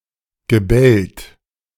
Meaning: past participle of bellen
- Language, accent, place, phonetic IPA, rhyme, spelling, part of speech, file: German, Germany, Berlin, [ɡəˈbɛlt], -ɛlt, gebellt, verb, De-gebellt.ogg